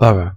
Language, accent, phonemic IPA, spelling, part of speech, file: English, Received Pronunciation, /ˈbʌ.ɹə/, borough, noun, En-borough.ogg
- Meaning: 1. A town having a municipal corporation and certain traditional rights 2. An administrative district in some cities, e.g., London